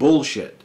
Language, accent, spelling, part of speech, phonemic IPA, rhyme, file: English, US, bullshit, noun / adjective / verb / interjection, /ˈbʊɫʃɪt/, -ɪt, En-us-bullshit.ogg
- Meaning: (noun) 1. Feces produced by a bull 2. Any assertions or information that are either false or misleading.: Statements that are false or exaggerated to impress or cheat the listener